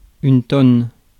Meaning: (noun) 1. large barrel 2. tonne, metric ton 3. ton; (verb) inflection of tonner: 1. first/third-person singular present indicative/subjunctive 2. second-person singular imperative
- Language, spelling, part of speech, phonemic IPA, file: French, tonne, noun / verb, /tɔn/, Fr-tonne.ogg